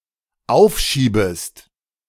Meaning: second-person singular dependent subjunctive I of aufschieben
- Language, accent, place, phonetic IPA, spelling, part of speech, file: German, Germany, Berlin, [ˈaʊ̯fˌʃiːbəst], aufschiebest, verb, De-aufschiebest.ogg